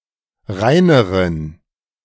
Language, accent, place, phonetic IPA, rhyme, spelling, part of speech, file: German, Germany, Berlin, [ˈʁaɪ̯nəʁən], -aɪ̯nəʁən, reineren, adjective, De-reineren.ogg
- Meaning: inflection of rein: 1. strong genitive masculine/neuter singular comparative degree 2. weak/mixed genitive/dative all-gender singular comparative degree